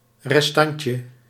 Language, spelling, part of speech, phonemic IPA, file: Dutch, restantje, noun, /rɛsˈtɑɲcə/, Nl-restantje.ogg
- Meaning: diminutive of restant